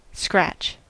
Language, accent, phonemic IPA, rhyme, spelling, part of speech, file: English, US, /skɹæt͡ʃ/, -ætʃ, scratch, verb / noun / adjective, En-us-scratch.ogg
- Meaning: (verb) To rub a surface with a sharp object, especially by a living creature to remove itching with nails, claws, etc